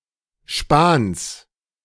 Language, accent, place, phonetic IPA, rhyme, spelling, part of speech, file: German, Germany, Berlin, [ʃpaːns], -aːns, Spans, noun, De-Spans.ogg
- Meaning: genitive singular of Span